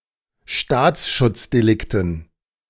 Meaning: dative plural of Staatsschutzdelikt
- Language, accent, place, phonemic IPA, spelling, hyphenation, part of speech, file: German, Germany, Berlin, /ˈʃtaːt͡sʃʊt͡sdeˌlɪktn̩/, Staatsschutzdelikten, Staats‧schutz‧de‧lik‧ten, noun, De-Staatsschutzdelikten.ogg